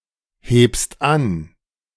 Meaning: second-person singular present of anheben
- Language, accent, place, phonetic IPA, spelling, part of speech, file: German, Germany, Berlin, [ˌheːpst ˈan], hebst an, verb, De-hebst an.ogg